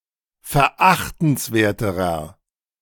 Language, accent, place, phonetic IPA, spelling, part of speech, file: German, Germany, Berlin, [fɛɐ̯ˈʔaxtn̩sˌveːɐ̯təʁɐ], verachtenswerterer, adjective, De-verachtenswerterer.ogg
- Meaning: inflection of verachtenswert: 1. strong/mixed nominative masculine singular comparative degree 2. strong genitive/dative feminine singular comparative degree